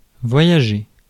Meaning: to travel, to voyage
- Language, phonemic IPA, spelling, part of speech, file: French, /vwa.ja.ʒe/, voyager, verb, Fr-voyager.ogg